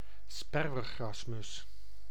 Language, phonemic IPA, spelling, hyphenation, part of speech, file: Dutch, /ˈspɛr.ʋərˌɣrɑs.mʏs/, sperwergrasmus, sper‧wer‧gras‧mus, noun, Nl-sperwergrasmus.ogg
- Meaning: barred warbler (Curruca nisoria syn. Sylvia nisoria)